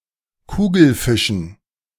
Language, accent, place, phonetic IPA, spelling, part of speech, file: German, Germany, Berlin, [ˈkuːɡl̩ˌfɪʃn̩], Kugelfischen, noun, De-Kugelfischen.ogg
- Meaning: dative plural of Kugelfisch